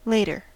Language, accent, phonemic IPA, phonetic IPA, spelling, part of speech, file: English, US, /ˈleɪ.tɚ/, [ˈleɪ̯.ɾɚ], later, adverb / adjective / interjection, En-us-later.ogg
- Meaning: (adverb) 1. comparative form of late: more late 2. Afterward in time (used with than when comparing with another time) 3. At some unspecified time in the future